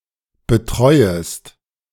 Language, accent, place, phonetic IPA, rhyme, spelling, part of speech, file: German, Germany, Berlin, [bəˈtʁɔɪ̯əst], -ɔɪ̯əst, betreuest, verb, De-betreuest.ogg
- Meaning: second-person singular subjunctive I of betreuen